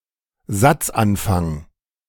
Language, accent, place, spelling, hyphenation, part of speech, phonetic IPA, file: German, Germany, Berlin, Satzanfang, Satz‧an‧fang, noun, [ˈzatsˌʔanfaŋ], De-Satzanfang.ogg
- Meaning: beginning of a sentence